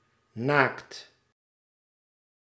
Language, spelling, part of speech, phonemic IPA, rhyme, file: Dutch, naakt, adjective / noun / verb, /naːkt/, -aːkt, Nl-naakt.ogg
- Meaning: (adjective) 1. nude, not wearing any clothing; can also apply to part of the body with exposed hide 2. naked, bald, without protective fur, feathers etc. on the skin